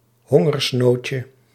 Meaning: diminutive of hongersnood
- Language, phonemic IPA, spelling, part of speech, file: Dutch, /ˈhɔŋərsˌnocə/, hongersnoodje, noun, Nl-hongersnoodje.ogg